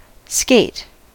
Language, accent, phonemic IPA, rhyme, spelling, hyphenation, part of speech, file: English, US, /skeɪt/, -eɪt, skate, skate, noun / verb / adjective, En-us-skate.ogg
- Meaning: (noun) 1. A runner or blade, usually of steel, with a frame shaped to fit the sole of a shoe, made to be fastened under the foot, and used for gliding on ice 2. Ellipsis of ice skate